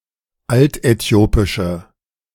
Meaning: inflection of altäthiopisch: 1. strong/mixed nominative/accusative feminine singular 2. strong nominative/accusative plural 3. weak nominative all-gender singular
- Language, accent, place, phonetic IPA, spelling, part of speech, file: German, Germany, Berlin, [ˈaltʔɛˌti̯oːpɪʃə], altäthiopische, adjective, De-altäthiopische.ogg